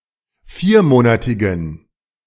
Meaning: inflection of viermonatig: 1. strong genitive masculine/neuter singular 2. weak/mixed genitive/dative all-gender singular 3. strong/weak/mixed accusative masculine singular 4. strong dative plural
- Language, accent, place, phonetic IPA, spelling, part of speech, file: German, Germany, Berlin, [ˈfiːɐ̯ˌmoːnatɪɡn̩], viermonatigen, adjective, De-viermonatigen.ogg